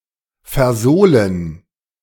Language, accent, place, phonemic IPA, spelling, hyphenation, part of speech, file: German, Germany, Berlin, /fɛɐ̯ˈzoːlən/, versohlen, ver‧soh‧len, verb, De-versohlen.ogg
- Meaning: to spank